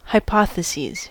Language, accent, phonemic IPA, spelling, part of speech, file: English, US, /haɪˈpɑθəˌsiz/, hypotheses, noun, En-us-hypotheses.ogg
- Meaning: plural of hypothesis